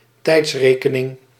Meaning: alternative form of tijdrekening
- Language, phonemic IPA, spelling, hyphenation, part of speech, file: Dutch, /ˈtɛi̯tsˌreː.kə.nɪŋ/, tijdsrekening, tijds‧re‧ke‧ning, noun, Nl-tijdsrekening.ogg